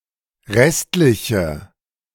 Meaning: inflection of restlich: 1. strong/mixed nominative/accusative feminine singular 2. strong nominative/accusative plural 3. weak nominative all-gender singular
- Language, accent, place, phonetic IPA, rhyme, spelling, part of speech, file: German, Germany, Berlin, [ˈʁɛstlɪçə], -ɛstlɪçə, restliche, adjective, De-restliche.ogg